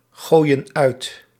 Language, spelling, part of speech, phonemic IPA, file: Dutch, gooien uit, verb, /ˈɣojə(n) ˈœyt/, Nl-gooien uit.ogg
- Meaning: inflection of uitgooien: 1. plural present indicative 2. plural present subjunctive